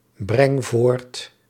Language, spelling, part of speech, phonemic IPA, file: Dutch, breng voort, verb, /ˈbrɛŋ ˈvort/, Nl-breng voort.ogg
- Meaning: inflection of voortbrengen: 1. first-person singular present indicative 2. second-person singular present indicative 3. imperative